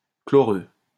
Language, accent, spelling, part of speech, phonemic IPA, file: French, France, chloreux, adjective, /klɔ.ʁø/, LL-Q150 (fra)-chloreux.wav
- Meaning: chlorous